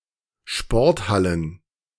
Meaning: plural of Sporthalle
- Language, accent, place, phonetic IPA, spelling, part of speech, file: German, Germany, Berlin, [ˈʃpɔʁtˌhalən], Sporthallen, noun, De-Sporthallen.ogg